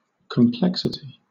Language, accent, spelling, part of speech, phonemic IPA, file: English, Southern England, complexity, noun, /kəmˈplɛk.sɪ.ti/, LL-Q1860 (eng)-complexity.wav
- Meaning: 1. The state of being complex; intricacy; entanglement 2. That which is and renders complex; intricacy; complication